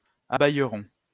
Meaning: first-person plural simple future of abaïer
- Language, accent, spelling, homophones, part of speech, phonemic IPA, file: French, France, abaïerons, abaïeront, verb, /a.baj.ʁɔ̃/, LL-Q150 (fra)-abaïerons.wav